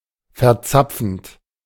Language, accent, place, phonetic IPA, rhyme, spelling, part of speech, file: German, Germany, Berlin, [fɛɐ̯ˈt͡sap͡fn̩t], -ap͡fn̩t, verzapfend, verb, De-verzapfend.ogg
- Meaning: present participle of verzapfen